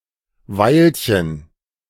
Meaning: diminutive of Weile
- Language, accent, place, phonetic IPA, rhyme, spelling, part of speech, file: German, Germany, Berlin, [ˈvaɪ̯lçən], -aɪ̯lçən, Weilchen, noun, De-Weilchen.ogg